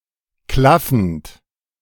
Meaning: present participle of klaffen
- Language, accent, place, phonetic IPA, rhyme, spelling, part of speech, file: German, Germany, Berlin, [ˈklafn̩t], -afn̩t, klaffend, verb, De-klaffend.ogg